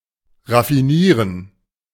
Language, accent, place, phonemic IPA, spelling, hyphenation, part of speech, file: German, Germany, Berlin, /ʁafiˈniːʁən/, raffinieren, raf‧fi‧nie‧ren, verb, De-raffinieren.ogg
- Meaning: to refine